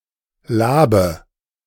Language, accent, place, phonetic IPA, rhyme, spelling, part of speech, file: German, Germany, Berlin, [ˈlaːbə], -aːbə, Labe, noun, De-Labe.ogg
- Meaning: a refreshment, such as a cool drink or food product